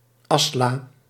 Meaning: ash pan
- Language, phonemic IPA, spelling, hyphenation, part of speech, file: Dutch, /ˈɑs.laː/, asla, as‧la, noun, Nl-asla.ogg